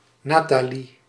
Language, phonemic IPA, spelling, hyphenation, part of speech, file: Dutch, /ˈnaː.taːˌli/, Nathalie, Na‧tha‧lie, proper noun, Nl-Nathalie.ogg
- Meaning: a female given name